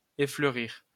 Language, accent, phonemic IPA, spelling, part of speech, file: French, France, /e.flœ.ʁiʁ/, effleurir, verb, LL-Q150 (fra)-effleurir.wav
- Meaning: to effloresce